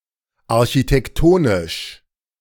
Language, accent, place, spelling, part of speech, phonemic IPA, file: German, Germany, Berlin, architektonisch, adjective, /aʁçitɛkˈtoːnɪʃ/, De-architektonisch.ogg
- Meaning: architectural